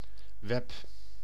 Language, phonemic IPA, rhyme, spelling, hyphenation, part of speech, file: Dutch, /ʋɛp/, -ɛp, web, web, noun, Nl-web.ogg
- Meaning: 1. web (spiderweb) 2. the Web, the World Wide Web